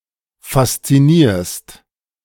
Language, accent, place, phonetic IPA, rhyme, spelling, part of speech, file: German, Germany, Berlin, [fast͡siˈniːɐ̯st], -iːɐ̯st, faszinierst, verb, De-faszinierst.ogg
- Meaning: second-person singular present of faszinieren